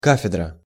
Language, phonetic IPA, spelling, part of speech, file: Russian, [ˈkafʲɪdrə], кафедра, noun, Ru-кафедра.ogg
- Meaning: 1. department/school/college in a university or institute; chair 2. pulpit, rostrum, dais